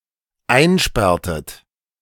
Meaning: inflection of einsperren: 1. second-person plural dependent preterite 2. second-person plural dependent subjunctive II
- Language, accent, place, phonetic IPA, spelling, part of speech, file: German, Germany, Berlin, [ˈaɪ̯nˌʃpɛʁtət], einsperrtet, verb, De-einsperrtet.ogg